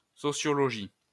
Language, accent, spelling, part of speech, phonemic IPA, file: French, France, sociologie, noun, /sɔ.sjɔ.lɔ.ʒi/, LL-Q150 (fra)-sociologie.wav
- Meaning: sociology